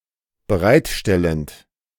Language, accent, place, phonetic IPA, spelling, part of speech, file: German, Germany, Berlin, [bəˈʁaɪ̯tˌʃtɛlənt], bereitstellend, verb, De-bereitstellend.ogg
- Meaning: present participle of bereitstellen